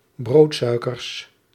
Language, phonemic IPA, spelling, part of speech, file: Dutch, /ˈbrotsœykərs/, broodsuikers, noun, Nl-broodsuikers.ogg
- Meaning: plural of broodsuiker